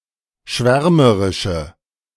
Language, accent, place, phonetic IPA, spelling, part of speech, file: German, Germany, Berlin, [ˈʃvɛʁməʁɪʃə], schwärmerische, adjective, De-schwärmerische.ogg
- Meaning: inflection of schwärmerisch: 1. strong/mixed nominative/accusative feminine singular 2. strong nominative/accusative plural 3. weak nominative all-gender singular